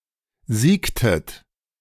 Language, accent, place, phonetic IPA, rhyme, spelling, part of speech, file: German, Germany, Berlin, [ˈziːktət], -iːktət, siegtet, verb, De-siegtet.ogg
- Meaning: inflection of siegen: 1. second-person plural preterite 2. second-person plural subjunctive II